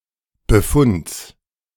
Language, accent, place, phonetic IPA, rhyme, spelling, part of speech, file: German, Germany, Berlin, [bəˈfʊnt͡s], -ʊnt͡s, Befunds, noun, De-Befunds.ogg
- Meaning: genitive singular of Befund